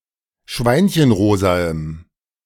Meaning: strong dative masculine/neuter singular of schweinchenrosa
- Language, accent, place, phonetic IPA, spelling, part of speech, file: German, Germany, Berlin, [ˈʃvaɪ̯nçənˌʁoːzaəm], schweinchenrosaem, adjective, De-schweinchenrosaem.ogg